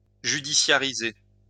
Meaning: to judicialize
- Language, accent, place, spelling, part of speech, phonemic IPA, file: French, France, Lyon, judiciariser, verb, /ʒy.di.sja.ʁi.ze/, LL-Q150 (fra)-judiciariser.wav